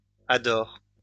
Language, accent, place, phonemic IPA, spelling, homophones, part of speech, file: French, France, Lyon, /a.dɔʁ/, adores, adore / adorent, verb, LL-Q150 (fra)-adores.wav
- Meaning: second-person singular present indicative/subjunctive of adorer